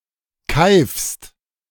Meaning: second-person singular present of keifen
- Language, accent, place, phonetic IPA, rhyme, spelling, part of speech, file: German, Germany, Berlin, [kaɪ̯fst], -aɪ̯fst, keifst, verb, De-keifst.ogg